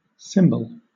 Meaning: 1. A kind of confectionery or cake 2. Obsolete spelling of cymbal
- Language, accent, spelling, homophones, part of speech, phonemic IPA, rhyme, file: English, Southern England, cimbal, cymbal / symbol, noun, /ˈsɪmbəl/, -ɪmbəl, LL-Q1860 (eng)-cimbal.wav